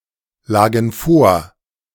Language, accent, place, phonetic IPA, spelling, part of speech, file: German, Germany, Berlin, [ˌlaːɡn̩ ˈfoːɐ̯], lagen vor, verb, De-lagen vor.ogg
- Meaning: first/third-person plural preterite of vorliegen